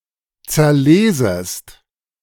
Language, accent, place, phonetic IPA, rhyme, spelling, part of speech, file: German, Germany, Berlin, [t͡sɛɐ̯ˈleːzəst], -eːzəst, zerlesest, verb, De-zerlesest.ogg
- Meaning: second-person singular subjunctive I of zerlesen